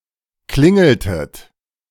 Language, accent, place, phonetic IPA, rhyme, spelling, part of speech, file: German, Germany, Berlin, [ˈklɪŋl̩tət], -ɪŋl̩tət, klingeltet, verb, De-klingeltet.ogg
- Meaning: inflection of klingeln: 1. second-person plural preterite 2. second-person plural subjunctive II